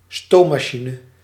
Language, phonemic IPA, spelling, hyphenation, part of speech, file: Dutch, /ˈstoː.maːˌʃi.nə/, stoommachine, stoom‧ma‧chi‧ne, noun, Nl-stoommachine.ogg
- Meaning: steam engine (machine)